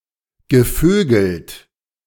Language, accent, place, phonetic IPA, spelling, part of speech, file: German, Germany, Berlin, [ɡəˈføːɡl̩t], gevögelt, verb, De-gevögelt.ogg
- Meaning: past participle of vögeln